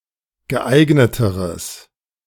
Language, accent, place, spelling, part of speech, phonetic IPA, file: German, Germany, Berlin, geeigneteres, adjective, [ɡəˈʔaɪ̯ɡnətəʁəs], De-geeigneteres.ogg
- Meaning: strong/mixed nominative/accusative neuter singular comparative degree of geeignet